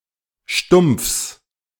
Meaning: genitive singular of Stumpf
- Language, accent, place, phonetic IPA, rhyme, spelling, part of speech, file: German, Germany, Berlin, [ʃtʊmp͡fs], -ʊmp͡fs, Stumpfs, noun, De-Stumpfs.ogg